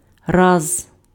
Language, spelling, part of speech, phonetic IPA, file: Ukrainian, раз, noun / adverb / conjunction, [raz], Uk-раз.ogg
- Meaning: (noun) 1. time (instance or occurrence) 2. a case occurring 3. time (ratio of comparison) 4. one (when counting things, or counting off); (adverb) once, one day, once upon a time